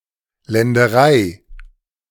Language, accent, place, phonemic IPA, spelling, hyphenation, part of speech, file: German, Germany, Berlin, /ˌlɛndəˈʁaɪ̯/, Länderei, Län‧de‧rei, noun, De-Länderei.ogg
- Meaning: estate (area of land)